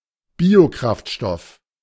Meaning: biofuel
- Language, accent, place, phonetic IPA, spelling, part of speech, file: German, Germany, Berlin, [ˈbiːoˌkʁaftʃtɔf], Biokraftstoff, noun, De-Biokraftstoff.ogg